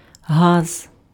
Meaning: gas (state of matter)
- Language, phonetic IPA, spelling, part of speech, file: Ukrainian, [ɦaz], газ, noun, Uk-газ.ogg